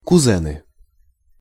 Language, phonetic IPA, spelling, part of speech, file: Russian, [kʊˈzɛnɨ], кузены, noun, Ru-кузены.ogg
- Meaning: nominative plural of кузе́н (kuzɛ́n)